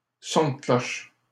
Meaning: opinion, point of view, way of looking at things
- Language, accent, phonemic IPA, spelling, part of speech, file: French, Canada, /sɔ̃ də klɔʃ/, son de cloche, noun, LL-Q150 (fra)-son de cloche.wav